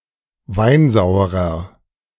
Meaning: inflection of weinsauer: 1. strong/mixed nominative masculine singular 2. strong genitive/dative feminine singular 3. strong genitive plural
- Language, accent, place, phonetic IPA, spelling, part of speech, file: German, Germany, Berlin, [ˈvaɪ̯nˌzaʊ̯əʁɐ], weinsauerer, adjective, De-weinsauerer.ogg